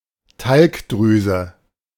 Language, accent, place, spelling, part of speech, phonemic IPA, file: German, Germany, Berlin, Talgdrüse, noun, /ˈtalkˌdʁyːzə/, De-Talgdrüse.ogg
- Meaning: sebaceous gland